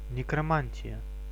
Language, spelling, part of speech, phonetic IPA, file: Russian, некромантия, noun, [nʲɪkrɐˈmanʲtʲɪjə], Ru-некромантия.ogg
- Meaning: necromancy